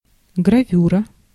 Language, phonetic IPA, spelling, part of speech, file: Russian, [ɡrɐˈvʲurə], гравюра, noun, Ru-гравюра.ogg
- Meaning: engraving